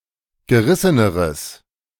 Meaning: strong/mixed nominative/accusative neuter singular comparative degree of gerissen
- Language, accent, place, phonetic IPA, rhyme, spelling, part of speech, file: German, Germany, Berlin, [ɡəˈʁɪsənəʁəs], -ɪsənəʁəs, gerisseneres, adjective, De-gerisseneres.ogg